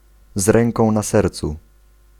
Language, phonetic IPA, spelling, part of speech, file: Polish, [ˈz‿rɛ̃ŋkɔ̃w̃ na‿ˈsɛrt͡su], z ręką na sercu, adverbial phrase, Pl-z ręką na sercu.ogg